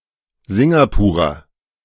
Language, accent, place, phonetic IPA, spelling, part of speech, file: German, Germany, Berlin, [ˈzɪŋɡapuːʁɐ], Singapurer, noun, De-Singapurer.ogg
- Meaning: Singaporean; a person from Singapore or of Singaporean descent